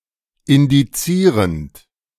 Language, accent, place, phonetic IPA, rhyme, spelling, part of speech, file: German, Germany, Berlin, [ɪndiˈt͡siːʁənt], -iːʁənt, indizierend, verb, De-indizierend.ogg
- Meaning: present participle of indizieren